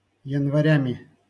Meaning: instrumental plural of янва́рь (janvárʹ)
- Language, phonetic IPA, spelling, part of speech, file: Russian, [(j)ɪnvɐˈrʲæmʲɪ], январями, noun, LL-Q7737 (rus)-январями.wav